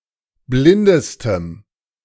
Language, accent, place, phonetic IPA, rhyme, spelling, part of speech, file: German, Germany, Berlin, [ˈblɪndəstəm], -ɪndəstəm, blindestem, adjective, De-blindestem.ogg
- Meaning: strong dative masculine/neuter singular superlative degree of blind